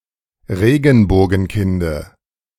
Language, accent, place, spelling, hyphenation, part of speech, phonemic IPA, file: German, Germany, Berlin, Regenbogenkinde, Re‧gen‧bo‧gen‧kin‧de, noun, /ˈʁeːɡn̩boːɡn̩ˌkɪndə/, De-Regenbogenkinde.ogg
- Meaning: dative singular of Regenbogenkind